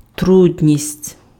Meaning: difficulty
- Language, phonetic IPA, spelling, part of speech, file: Ukrainian, [ˈtrudʲnʲisʲtʲ], трудність, noun, Uk-трудність.ogg